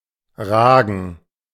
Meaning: 1. to rise up out 2. to stick out, to jut out
- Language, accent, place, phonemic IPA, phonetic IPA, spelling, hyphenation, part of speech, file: German, Germany, Berlin, /ˈʁaːɡən/, [ˈʁaːɡŋ̩], ragen, ra‧gen, verb, De-ragen.ogg